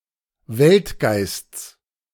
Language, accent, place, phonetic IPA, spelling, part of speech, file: German, Germany, Berlin, [ˈvɛltˌɡaɪ̯st͡s], Weltgeists, noun, De-Weltgeists.ogg
- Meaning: genitive of Weltgeist